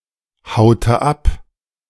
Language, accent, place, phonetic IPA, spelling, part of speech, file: German, Germany, Berlin, [ˌhaʊ̯tə ˈap], haute ab, verb, De-haute ab.ogg
- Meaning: inflection of abhauen: 1. first/third-person singular preterite 2. first/third-person singular subjunctive II